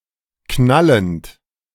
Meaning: present participle of knallen
- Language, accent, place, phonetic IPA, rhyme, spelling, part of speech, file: German, Germany, Berlin, [ˈknalənt], -alənt, knallend, verb, De-knallend.ogg